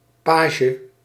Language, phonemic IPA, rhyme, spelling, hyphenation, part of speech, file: Dutch, /ˈpaː.ʒə/, -aːʒə, page, pa‧ge, noun, Nl-page.ogg
- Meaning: 1. page (boy serving a knight or noble, often of the noble estate) 2. a page, a butterfly of the family Papilionidae 3. page (sheet of paper)